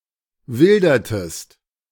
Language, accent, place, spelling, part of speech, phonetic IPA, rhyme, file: German, Germany, Berlin, wildertest, verb, [ˈvɪldɐtəst], -ɪldɐtəst, De-wildertest.ogg
- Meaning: inflection of wildern: 1. second-person singular preterite 2. second-person singular subjunctive II